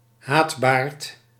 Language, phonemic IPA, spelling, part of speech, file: Dutch, /ˈɦaːt.baːrt/, haatbaard, noun, Nl-haatbaard.ogg
- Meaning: radical Muslim